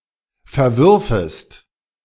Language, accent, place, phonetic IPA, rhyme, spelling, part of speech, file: German, Germany, Berlin, [fɛɐ̯ˈvʏʁfəst], -ʏʁfəst, verwürfest, verb, De-verwürfest.ogg
- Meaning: second-person singular subjunctive II of verwerfen